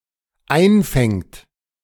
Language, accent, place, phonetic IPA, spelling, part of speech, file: German, Germany, Berlin, [ˈaɪ̯nˌfɛŋt], einfängt, verb, De-einfängt.ogg
- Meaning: third-person singular dependent present of einfangen